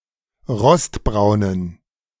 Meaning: inflection of rostbraun: 1. strong genitive masculine/neuter singular 2. weak/mixed genitive/dative all-gender singular 3. strong/weak/mixed accusative masculine singular 4. strong dative plural
- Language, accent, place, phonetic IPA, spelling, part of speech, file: German, Germany, Berlin, [ˈʁɔstˌbʁaʊ̯nən], rostbraunen, adjective, De-rostbraunen.ogg